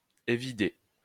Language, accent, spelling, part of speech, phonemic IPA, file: French, France, évider, verb, /e.vi.de/, LL-Q150 (fra)-évider.wav
- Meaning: to hollow out, to scoop out